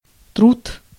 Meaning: 1. work, labor/labour 2. effort, pains 3. work (of literature or scholarly publication) 4. shop, handicrafts (a school class teaching basic vocational skills and working with one's hands)
- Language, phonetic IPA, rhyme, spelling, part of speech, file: Russian, [trut], -ut, труд, noun, Ru-труд.ogg